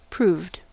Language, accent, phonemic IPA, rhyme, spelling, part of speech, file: English, US, /ˈpɹuːvd/, -uːvd, proved, verb, En-us-proved.ogg
- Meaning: simple past and past participle of prove